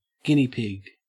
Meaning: Any tailless rodent of the genus Cavia, which have short ears and superficially resemble large hamsters
- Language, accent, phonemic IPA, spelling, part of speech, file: English, Australia, /ˈɡɪni pɪɡ/, guinea pig, noun, En-au-guinea pig.ogg